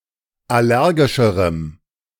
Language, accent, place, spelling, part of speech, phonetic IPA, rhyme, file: German, Germany, Berlin, allergischerem, adjective, [ˌaˈlɛʁɡɪʃəʁəm], -ɛʁɡɪʃəʁəm, De-allergischerem.ogg
- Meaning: strong dative masculine/neuter singular comparative degree of allergisch